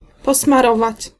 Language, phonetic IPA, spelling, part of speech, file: Polish, [ˌpɔsmaˈrɔvat͡ɕ], posmarować, verb, Pl-posmarować.ogg